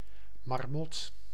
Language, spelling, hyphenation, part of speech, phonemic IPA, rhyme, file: Dutch, marmot, mar‧mot, noun, /mɑrˈmɔt/, -ɔt, Nl-marmot.ogg
- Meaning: marmot, rodent of the genus Marmota